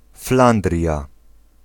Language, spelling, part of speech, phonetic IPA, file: Polish, Flandria, proper noun, [ˈflãndrʲja], Pl-Flandria.ogg